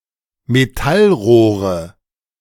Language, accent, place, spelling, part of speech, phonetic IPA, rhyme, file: German, Germany, Berlin, Metallrohre, noun, [meˈtalˌʁoːʁə], -alʁoːʁə, De-Metallrohre.ogg
- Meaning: nominative/accusative/genitive plural of Metallrohr